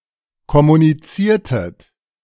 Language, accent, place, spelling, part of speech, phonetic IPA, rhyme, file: German, Germany, Berlin, kommuniziertet, verb, [kɔmuniˈt͡siːɐ̯tət], -iːɐ̯tət, De-kommuniziertet.ogg
- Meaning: inflection of kommunizieren: 1. second-person plural preterite 2. second-person plural subjunctive II